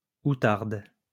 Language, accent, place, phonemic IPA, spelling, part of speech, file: French, France, Lyon, /u.taʁd/, outarde, noun, LL-Q150 (fra)-outarde.wav
- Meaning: 1. bustard 2. Canada goose